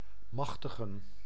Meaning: to authorize
- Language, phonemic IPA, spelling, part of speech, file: Dutch, /ˈmɑxtəɣə(n)/, machtigen, verb, Nl-machtigen.ogg